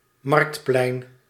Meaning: market square
- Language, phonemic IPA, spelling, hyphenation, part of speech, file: Dutch, /ˈmɑrkt.plɛi̯n/, marktplein, markt‧plein, noun, Nl-marktplein.ogg